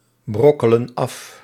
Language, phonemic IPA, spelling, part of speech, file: Dutch, /ˈbrɔkələ(n) ˈɑf/, brokkelen af, verb, Nl-brokkelen af.ogg
- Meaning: inflection of afbrokkelen: 1. plural present indicative 2. plural present subjunctive